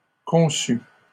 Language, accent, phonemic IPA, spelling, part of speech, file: French, Canada, /kɔ̃.sy/, conçu, verb, LL-Q150 (fra)-conçu.wav
- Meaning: past participle of concevoir